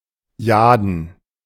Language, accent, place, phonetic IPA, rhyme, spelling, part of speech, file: German, Germany, Berlin, [ˈjaːdn̩], -aːdn̩, jaden, adjective, De-jaden.ogg
- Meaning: jade